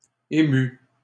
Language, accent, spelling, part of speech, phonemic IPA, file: French, Canada, émut, verb, /e.my/, LL-Q150 (fra)-émut.wav
- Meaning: third-person singular past historic of émouvoir